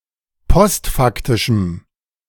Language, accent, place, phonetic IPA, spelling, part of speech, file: German, Germany, Berlin, [ˈpɔstˌfaktɪʃm̩], postfaktischem, adjective, De-postfaktischem.ogg
- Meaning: strong dative masculine/neuter singular of postfaktisch